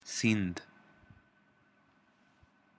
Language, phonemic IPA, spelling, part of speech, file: Pashto, /sin̪d̪/, سيند, noun, سيند.ogg
- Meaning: 1. river 2. Indus